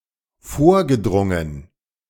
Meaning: past participle of vordringen
- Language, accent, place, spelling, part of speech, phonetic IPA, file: German, Germany, Berlin, vorgedrungen, verb, [ˈfoːɐ̯ɡəˌdʁʊŋən], De-vorgedrungen.ogg